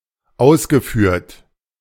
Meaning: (verb) past participle of ausführen; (adjective) conducted, accomplished, executed, performed, achieved
- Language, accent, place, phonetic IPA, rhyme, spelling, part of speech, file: German, Germany, Berlin, [ˈaʊ̯sɡəˌfyːɐ̯t], -aʊ̯sɡəfyːɐ̯t, ausgeführt, verb, De-ausgeführt.ogg